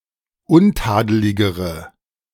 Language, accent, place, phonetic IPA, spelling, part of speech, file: German, Germany, Berlin, [ˈʊnˌtaːdəlɪɡəʁə], untadeligere, adjective, De-untadeligere.ogg
- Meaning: inflection of untadelig: 1. strong/mixed nominative/accusative feminine singular comparative degree 2. strong nominative/accusative plural comparative degree